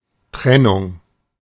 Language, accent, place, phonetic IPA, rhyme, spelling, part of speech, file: German, Germany, Berlin, [ˈtʁɛnʊŋ], -ɛnʊŋ, Trennung, noun, De-Trennung.ogg
- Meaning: 1. separation, parting 2. breakup